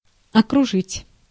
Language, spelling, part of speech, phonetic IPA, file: Russian, окружить, verb, [ɐkrʊˈʐɨtʲ], Ru-окружить.ogg
- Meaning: 1. to gather round 2. to encircle, to ring in 3. to surround, to lavish 4. to encircle, to round up